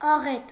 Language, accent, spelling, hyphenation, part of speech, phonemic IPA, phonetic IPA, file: Armenian, Eastern Armenian, աղետ, ա‧ղետ, noun, /ɑˈʁet/, [ɑʁét], Hy-աղետ.ogg
- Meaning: 1. catastrophe, tragedy, disaster 2. massacre, destruction 3. epidemic, outbreak 4. war